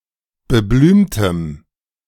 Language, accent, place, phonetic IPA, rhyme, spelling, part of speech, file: German, Germany, Berlin, [bəˈblyːmtəm], -yːmtəm, beblümtem, adjective, De-beblümtem.ogg
- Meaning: strong dative masculine/neuter singular of beblümt